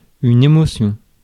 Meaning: emotion
- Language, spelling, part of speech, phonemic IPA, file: French, émotion, noun, /e.mo.sjɔ̃/, Fr-émotion.ogg